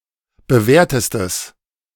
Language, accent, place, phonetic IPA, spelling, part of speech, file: German, Germany, Berlin, [bəˈvɛːɐ̯təstəs], bewährtestes, adjective, De-bewährtestes.ogg
- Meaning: strong/mixed nominative/accusative neuter singular superlative degree of bewährt